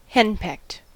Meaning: Intimidated or overwhelmed by a nagging or overbearing matriarch, wife, or girlfriend
- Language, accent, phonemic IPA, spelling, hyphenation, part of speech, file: English, US, /ˈhɛnpɛkt/, henpecked, hen‧pecked, adjective, En-us-henpecked.ogg